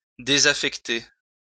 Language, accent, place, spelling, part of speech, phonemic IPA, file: French, France, Lyon, désaffecter, verb, /de.za.fɛk.te/, LL-Q150 (fra)-désaffecter.wav
- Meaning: to decommission